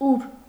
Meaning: where
- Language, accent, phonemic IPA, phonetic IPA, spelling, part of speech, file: Armenian, Eastern Armenian, /uɾ/, [uɾ], ուր, adverb, Hy-ուր.ogg